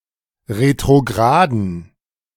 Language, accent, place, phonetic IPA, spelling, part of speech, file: German, Germany, Berlin, [ʁetʁoˈɡʁaːdən], retrograden, adjective, De-retrograden.ogg
- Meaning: inflection of retrograd: 1. strong genitive masculine/neuter singular 2. weak/mixed genitive/dative all-gender singular 3. strong/weak/mixed accusative masculine singular 4. strong dative plural